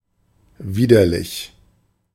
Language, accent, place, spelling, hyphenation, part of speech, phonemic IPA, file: German, Germany, Berlin, widerlich, wi‧der‧lich, adjective / adverb, /ˈviːdɐlɪç/, De-widerlich.ogg
- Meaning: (adjective) disgusting; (adverb) disgustingly, distastefully, abhorrently, detestably